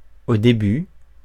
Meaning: initially, at first
- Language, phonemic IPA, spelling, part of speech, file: French, /o de.by/, au début, adverb, Fr-au début.ogg